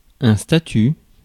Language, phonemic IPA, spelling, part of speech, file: French, /sta.ty/, statut, noun, Fr-statut.ogg
- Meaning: 1. status 2. statute